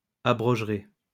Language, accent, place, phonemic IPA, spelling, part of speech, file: French, France, Lyon, /a.bʁɔʒ.ʁe/, abrogerez, verb, LL-Q150 (fra)-abrogerez.wav
- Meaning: second-person plural simple future of abroger